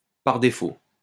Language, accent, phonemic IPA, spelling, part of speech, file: French, France, /paʁ de.fo/, par défaut, adverb, LL-Q150 (fra)-par défaut.wav
- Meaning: by default